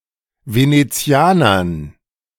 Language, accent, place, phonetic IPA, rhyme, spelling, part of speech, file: German, Germany, Berlin, [ˌveneˈt͡si̯aːnɐn], -aːnɐn, Venezianern, noun, De-Venezianern.ogg
- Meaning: dative plural of Venezianer